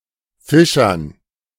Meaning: dative plural of Fischer
- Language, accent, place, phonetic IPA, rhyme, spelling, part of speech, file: German, Germany, Berlin, [ˈfɪʃɐn], -ɪʃɐn, Fischern, noun, De-Fischern.ogg